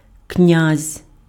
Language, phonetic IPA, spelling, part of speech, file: Ukrainian, [knʲazʲ], князь, noun, Uk-князь.ogg
- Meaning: 1. the monarch of a state or a principality: prince, king, duke 2. a royal title: prince, duke, etc 3. groom, bridegroom